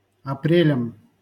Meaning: dative plural of апре́ль (aprélʹ)
- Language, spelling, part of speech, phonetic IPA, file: Russian, апрелям, noun, [ɐˈprʲelʲəm], LL-Q7737 (rus)-апрелям.wav